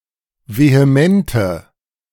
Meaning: inflection of vehement: 1. strong/mixed nominative/accusative feminine singular 2. strong nominative/accusative plural 3. weak nominative all-gender singular
- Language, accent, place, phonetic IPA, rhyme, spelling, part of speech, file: German, Germany, Berlin, [veheˈmɛntə], -ɛntə, vehemente, adjective, De-vehemente.ogg